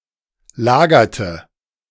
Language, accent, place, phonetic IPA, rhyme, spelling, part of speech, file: German, Germany, Berlin, [ˈlaːɡɐtə], -aːɡɐtə, lagerte, verb, De-lagerte.ogg
- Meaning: inflection of lagern: 1. first/third-person singular preterite 2. first/third-person singular subjunctive II